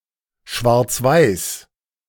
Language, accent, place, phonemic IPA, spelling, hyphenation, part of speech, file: German, Germany, Berlin, /ˌʃvaʁt͡sˈvaɪ̯s/, schwarzweiß, schwarz‧weiß, adjective, De-schwarzweiß.ogg
- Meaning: black-and-white